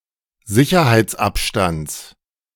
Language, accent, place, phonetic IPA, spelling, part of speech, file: German, Germany, Berlin, [ˈzɪçɐhaɪ̯t͡sˌʔapʃtant͡s], Sicherheitsabstands, noun, De-Sicherheitsabstands.ogg
- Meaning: genitive singular of Sicherheitsabstand